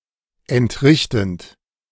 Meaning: present participle of entrichten
- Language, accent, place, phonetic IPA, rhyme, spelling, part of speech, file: German, Germany, Berlin, [ɛntˈʁɪçtn̩t], -ɪçtn̩t, entrichtend, verb, De-entrichtend.ogg